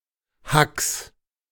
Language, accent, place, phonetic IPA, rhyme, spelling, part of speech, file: German, Germany, Berlin, [haks], -aks, Hacks, noun, De-Hacks.ogg
- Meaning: genitive singular of Hack